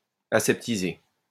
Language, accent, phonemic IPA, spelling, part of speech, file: French, France, /a.sɛp.ti.ze/, aseptisé, verb / adjective, LL-Q150 (fra)-aseptisé.wav
- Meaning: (verb) past participle of aseptiser; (adjective) banal, bland, sanitized